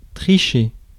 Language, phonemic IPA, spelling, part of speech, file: French, /tʁi.ʃe/, tricher, verb, Fr-tricher.ogg
- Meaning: to cheat